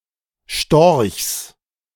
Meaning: genitive singular of Storch
- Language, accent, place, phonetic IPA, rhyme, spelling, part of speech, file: German, Germany, Berlin, [ʃtɔʁçs], -ɔʁçs, Storchs, noun, De-Storchs.ogg